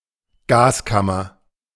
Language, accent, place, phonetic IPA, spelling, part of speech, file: German, Germany, Berlin, [ˈɡaːsˌkamɐ], Gaskammer, noun, De-Gaskammer.ogg
- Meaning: gas chamber